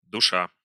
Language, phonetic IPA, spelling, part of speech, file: Russian, [dʊˈʂa], душа, verb, Ru-душа́.ogg
- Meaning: present adverbial imperfective participle of души́ть (dušítʹ)